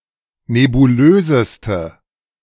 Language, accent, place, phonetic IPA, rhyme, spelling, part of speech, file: German, Germany, Berlin, [nebuˈløːzəstə], -øːzəstə, nebulöseste, adjective, De-nebulöseste.ogg
- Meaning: inflection of nebulös: 1. strong/mixed nominative/accusative feminine singular superlative degree 2. strong nominative/accusative plural superlative degree